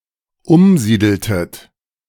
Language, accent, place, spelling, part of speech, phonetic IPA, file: German, Germany, Berlin, umsiedeltet, verb, [ˈʊmˌziːdl̩tət], De-umsiedeltet.ogg
- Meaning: inflection of umsiedeln: 1. second-person plural dependent preterite 2. second-person plural dependent subjunctive II